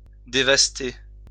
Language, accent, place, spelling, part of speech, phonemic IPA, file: French, France, Lyon, dévaster, verb, /de.vas.te/, LL-Q150 (fra)-dévaster.wav
- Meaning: 1. to devastate, to destroy 2. to be devastated, to be destroy